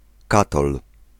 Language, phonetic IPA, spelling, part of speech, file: Polish, [ˈkatɔl], katol, noun, Pl-katol.ogg